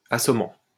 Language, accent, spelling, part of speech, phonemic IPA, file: French, France, assommant, adjective / verb, /a.sɔ.mɑ̃/, LL-Q150 (fra)-assommant.wav
- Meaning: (adjective) deadly dull, extremely boring; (verb) present participle of assommer